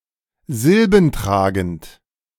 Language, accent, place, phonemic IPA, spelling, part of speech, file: German, Germany, Berlin, /ˈzɪlbn̩ˌtʁaːɡn̩t/, silbentragend, adjective, De-silbentragend.ogg
- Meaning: syllabic